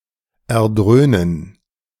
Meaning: to resound
- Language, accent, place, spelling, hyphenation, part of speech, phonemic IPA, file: German, Germany, Berlin, erdröhnen, er‧dröh‧nen, verb, /ɛɐ̯ˈdʁøːnən/, De-erdröhnen.ogg